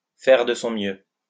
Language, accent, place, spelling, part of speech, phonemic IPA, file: French, France, Lyon, faire de son mieux, verb, /fɛʁ də sɔ̃ mjø/, LL-Q150 (fra)-faire de son mieux.wav
- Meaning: to do as best one can, to do one's best, to do one's utmost, to give it one's best shot